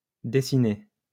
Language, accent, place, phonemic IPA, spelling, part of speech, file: French, France, Lyon, /de.si.ne/, dessiné, verb, LL-Q150 (fra)-dessiné.wav
- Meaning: past participle of dessiner